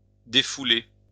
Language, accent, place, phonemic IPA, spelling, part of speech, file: French, France, Lyon, /de.fu.le/, défouler, verb, LL-Q150 (fra)-défouler.wav
- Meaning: 1. to vent; to be a release for 2. to let off steam; unwind